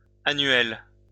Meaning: masculine plural of annuel
- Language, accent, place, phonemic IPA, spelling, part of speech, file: French, France, Lyon, /a.nɥɛl/, annuels, adjective, LL-Q150 (fra)-annuels.wav